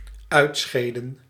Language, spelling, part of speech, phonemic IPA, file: Dutch, uitscheden, verb, /ˈœy̯tˌsxeːdə(n)/, Nl-uitscheden.ogg
- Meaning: inflection of uitscheiden: 1. plural dependent-clause past indicative 2. plural dependent-clause past subjunctive